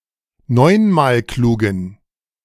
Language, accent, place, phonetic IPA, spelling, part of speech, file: German, Germany, Berlin, [ˈnɔɪ̯nmaːlˌkluːɡn̩], neunmalklugen, adjective, De-neunmalklugen.ogg
- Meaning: inflection of neunmalklug: 1. strong genitive masculine/neuter singular 2. weak/mixed genitive/dative all-gender singular 3. strong/weak/mixed accusative masculine singular 4. strong dative plural